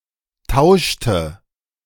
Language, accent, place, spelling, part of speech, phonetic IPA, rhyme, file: German, Germany, Berlin, tauschte, verb, [ˈtaʊ̯ʃtə], -aʊ̯ʃtə, De-tauschte.ogg
- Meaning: inflection of tauschen: 1. first/third-person singular preterite 2. first/third-person singular subjunctive II